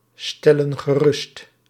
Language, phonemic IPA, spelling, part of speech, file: Dutch, /ˈstɛlə(n) ɣəˈrʏst/, stellen gerust, verb, Nl-stellen gerust.ogg
- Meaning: inflection of geruststellen: 1. plural present indicative 2. plural present subjunctive